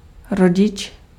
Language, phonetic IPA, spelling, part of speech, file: Czech, [ˈroɟɪt͡ʃ], rodič, noun, Cs-rodič.ogg
- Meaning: parent